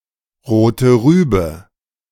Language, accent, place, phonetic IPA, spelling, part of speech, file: German, Germany, Berlin, [ˌʁoːtə ˈʁyːbə], Rote Rübe, phrase, De-Rote Rübe.ogg
- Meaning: beetroot